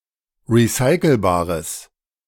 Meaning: strong/mixed nominative/accusative neuter singular of recycelbar
- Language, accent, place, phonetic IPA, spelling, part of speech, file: German, Germany, Berlin, [ʁiˈsaɪ̯kl̩baːʁəs], recycelbares, adjective, De-recycelbares.ogg